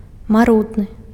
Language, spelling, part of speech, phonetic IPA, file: Belarusian, марудны, adjective, [maˈrudnɨ], Be-марудны.ogg
- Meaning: slow